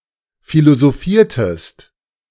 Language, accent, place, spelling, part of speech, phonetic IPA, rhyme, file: German, Germany, Berlin, philosophiertest, verb, [ˌfilozoˈfiːɐ̯təst], -iːɐ̯təst, De-philosophiertest.ogg
- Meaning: inflection of philosophieren: 1. second-person singular preterite 2. second-person singular subjunctive II